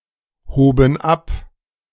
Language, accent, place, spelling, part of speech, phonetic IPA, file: German, Germany, Berlin, hoben ab, verb, [ˌhoːbn̩ ˈap], De-hoben ab.ogg
- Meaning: first/third-person plural preterite of abheben